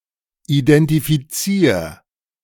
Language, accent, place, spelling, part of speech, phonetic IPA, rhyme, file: German, Germany, Berlin, identifizier, verb, [idɛntifiˈt͡siːɐ̯], -iːɐ̯, De-identifizier.ogg
- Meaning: singular imperative of identifizieren